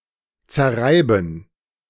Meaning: to grind down, triturate
- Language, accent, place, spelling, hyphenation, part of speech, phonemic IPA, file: German, Germany, Berlin, zerreiben, zer‧rei‧ben, verb, /t͡sɛɐ̯ˈʁaɪ̯bn̩/, De-zerreiben.ogg